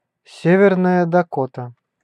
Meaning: North Dakota (a state in the Upper Midwest region of the United States)
- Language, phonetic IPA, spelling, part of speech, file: Russian, [ˈsʲevʲɪrnəjə dɐˈkotə], Северная Дакота, proper noun, Ru-Северная Дакота.ogg